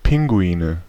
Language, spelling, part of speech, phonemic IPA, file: German, Pinguine, noun, /ˈpɪŋɡuiːnə/, De-Pinguine.ogg
- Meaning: nominative/accusative/genitive plural of Pinguin